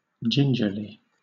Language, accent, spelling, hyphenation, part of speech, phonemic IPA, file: English, Southern England, gingerly, gin‧ger‧ly, adverb / adjective, /ˈdʒɪn(d)ʒəli/, LL-Q1860 (eng)-gingerly.wav
- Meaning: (adverb) In a cautious and delicate manner; (very) carefully or cautiously